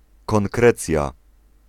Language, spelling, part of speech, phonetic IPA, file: Polish, konkrecja, noun, [kɔ̃ŋˈkrɛt͡sʲja], Pl-konkrecja.ogg